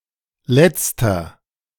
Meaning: inflection of letzte: 1. strong/mixed nominative masculine singular 2. strong genitive/dative feminine singular 3. strong genitive plural
- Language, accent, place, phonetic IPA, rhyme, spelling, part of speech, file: German, Germany, Berlin, [ˈlɛt͡stɐ], -ɛt͡stɐ, letzter, adjective, De-letzter.ogg